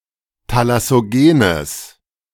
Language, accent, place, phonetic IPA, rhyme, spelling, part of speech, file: German, Germany, Berlin, [talasoˈɡeːnəs], -eːnəs, thalassogenes, adjective, De-thalassogenes.ogg
- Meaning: strong/mixed nominative/accusative neuter singular of thalassogen